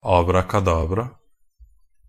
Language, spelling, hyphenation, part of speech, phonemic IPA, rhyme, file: Norwegian Bokmål, abrakadabra, ab‧ra‧ka‧dab‧ra, noun / interjection, /ɑːbrakaˈdɑːbra/, -ɑːbra, NB - Pronunciation of Norwegian Bokmål «abrakadabra».ogg
- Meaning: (noun) 1. abracadabra (magic formula where the first line contains these letters) 2. magic potion, patent solution 3. abracadabra (mumbo-jumbo; obscure language or technicalities; jargon.)